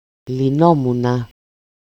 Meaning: first-person singular imperfect passive indicative of λύνω (lýno)
- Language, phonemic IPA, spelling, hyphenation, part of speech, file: Greek, /liˈnomuna/, λυνόμουνα, λυ‧νό‧μου‧να, verb, El-λυνόμουνα.ogg